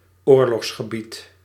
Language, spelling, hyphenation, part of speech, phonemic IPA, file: Dutch, oorlogsgebied, oor‧logs‧ge‧bied, noun, /ˈoːr.lɔxs.xəˌbit/, Nl-oorlogsgebied.ogg
- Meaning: a war zone